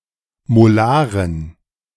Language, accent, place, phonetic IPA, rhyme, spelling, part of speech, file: German, Germany, Berlin, [moˈlaːʁən], -aːʁən, molaren, adjective, De-molaren.ogg
- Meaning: inflection of molar: 1. strong genitive masculine/neuter singular 2. weak/mixed genitive/dative all-gender singular 3. strong/weak/mixed accusative masculine singular 4. strong dative plural